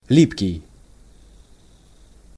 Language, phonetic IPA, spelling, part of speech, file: Russian, [ˈlʲipkʲɪj], липкий, adjective, Ru-липкий.ogg
- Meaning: adhesive, sticky